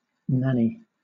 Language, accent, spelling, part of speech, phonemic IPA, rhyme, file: English, Southern England, nanny, noun / verb, /ˈnæni/, -æni, LL-Q1860 (eng)-nanny.wav
- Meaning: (noun) 1. A child's nurse 2. A grandmother 3. A godmother 4. A female goat 5. Synonym of sylvester (“device for pulling out pit props”); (verb) To serve as a nanny